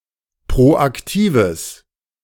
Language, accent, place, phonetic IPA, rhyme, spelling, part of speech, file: German, Germany, Berlin, [pʁoʔakˈtiːvəs], -iːvəs, proaktives, adjective, De-proaktives.ogg
- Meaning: strong/mixed nominative/accusative neuter singular of proaktiv